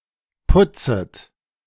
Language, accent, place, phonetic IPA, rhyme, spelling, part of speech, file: German, Germany, Berlin, [ˈpʊt͡sət], -ʊt͡sət, putzet, verb, De-putzet.ogg
- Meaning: second-person plural subjunctive I of putzen